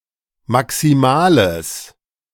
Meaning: strong/mixed nominative/accusative neuter singular of maximal
- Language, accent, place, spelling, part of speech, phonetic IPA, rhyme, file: German, Germany, Berlin, maximales, adjective, [maksiˈmaːləs], -aːləs, De-maximales.ogg